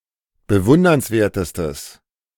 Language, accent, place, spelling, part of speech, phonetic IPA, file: German, Germany, Berlin, bewundernswertestes, adjective, [bəˈvʊndɐnsˌveːɐ̯təstəs], De-bewundernswertestes.ogg
- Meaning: strong/mixed nominative/accusative neuter singular superlative degree of bewundernswert